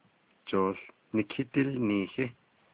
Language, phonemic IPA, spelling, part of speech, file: Navajo, /t͡ʃòːɬ nɪ̀kʰɪ́tɪ́lnìːhɪ́/, jooł nikídílniihí, noun, Nv-jooł nikídílniihí.ogg
- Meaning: 1. basketball (game) 2. basketball (the ball)